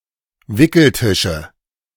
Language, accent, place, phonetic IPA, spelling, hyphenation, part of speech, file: German, Germany, Berlin, [ˈvɪkl̩ˌtɪʃə], Wickeltische, Wi‧ckel‧ti‧sche, noun, De-Wickeltische.ogg
- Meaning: nominative/accusative/genitive plural of Wickeltisch